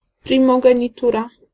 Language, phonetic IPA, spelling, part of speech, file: Polish, [ˌprʲĩmɔɡɛ̃ɲiˈtura], primogenitura, noun, Pl-primogenitura.ogg